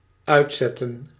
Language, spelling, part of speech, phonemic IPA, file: Dutch, uitzetten, verb, /ˈœy̯tˌsɛtə(n)/, Nl-uitzetten.ogg
- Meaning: 1. to expand 2. to turn off, switch off 3. to release into the wild 4. to expel, to expatriate